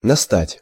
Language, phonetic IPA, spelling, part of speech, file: Russian, [nɐˈstatʲ], настать, verb, Ru-настать.ogg
- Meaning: to come, to begin (of time)